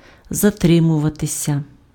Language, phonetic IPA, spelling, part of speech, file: Ukrainian, [zɐˈtrɪmʊʋɐtesʲɐ], затримуватися, verb, Uk-затримуватися.ogg
- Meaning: 1. to linger 2. to stay too long 3. to be late, to be delayed, to lag 4. passive of затри́мувати impf (zatrýmuvaty)